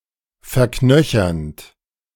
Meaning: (verb) present participle of verknöchern; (adjective) ossifying
- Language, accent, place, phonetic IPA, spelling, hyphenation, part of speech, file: German, Germany, Berlin, [fɛɐ̯ˈknœçɐnt], verknöchernd, ver‧knö‧chernd, verb / adjective, De-verknöchernd.ogg